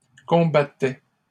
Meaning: third-person singular imperfect indicative of combattre
- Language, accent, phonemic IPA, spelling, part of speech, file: French, Canada, /kɔ̃.ba.tɛ/, combattait, verb, LL-Q150 (fra)-combattait.wav